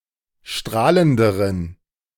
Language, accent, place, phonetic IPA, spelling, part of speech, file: German, Germany, Berlin, [ˈʃtʁaːləndəʁən], strahlenderen, adjective, De-strahlenderen.ogg
- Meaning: inflection of strahlend: 1. strong genitive masculine/neuter singular comparative degree 2. weak/mixed genitive/dative all-gender singular comparative degree